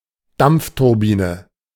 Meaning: steam turbine
- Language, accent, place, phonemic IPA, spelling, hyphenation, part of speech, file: German, Germany, Berlin, /ˈdampftʊʁˌbiːnə/, Dampfturbine, Dampf‧tur‧bi‧ne, noun, De-Dampfturbine.ogg